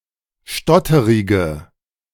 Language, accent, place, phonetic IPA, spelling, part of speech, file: German, Germany, Berlin, [ˈʃtɔtəʁɪɡə], stotterige, adjective, De-stotterige.ogg
- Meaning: inflection of stotterig: 1. strong/mixed nominative/accusative feminine singular 2. strong nominative/accusative plural 3. weak nominative all-gender singular